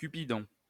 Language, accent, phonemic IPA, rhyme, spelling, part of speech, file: French, France, /ky.pi.dɔ̃/, -ɔ̃, Cupidon, proper noun, LL-Q150 (fra)-Cupidon.wav
- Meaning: Cupid (the god)